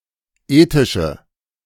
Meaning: inflection of ethisch: 1. strong/mixed nominative/accusative feminine singular 2. strong nominative/accusative plural 3. weak nominative all-gender singular 4. weak accusative feminine/neuter singular
- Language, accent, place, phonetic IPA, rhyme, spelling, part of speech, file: German, Germany, Berlin, [ˈeːtɪʃə], -eːtɪʃə, ethische, adjective, De-ethische.ogg